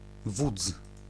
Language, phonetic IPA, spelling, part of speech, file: Polish, [vut͡s], wódz, noun, Pl-wódz.ogg